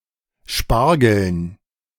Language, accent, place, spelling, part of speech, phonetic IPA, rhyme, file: German, Germany, Berlin, Spargeln, noun, [ˈʃpaʁɡl̩n], -aʁɡl̩n, De-Spargeln.ogg
- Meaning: dative plural of Spargel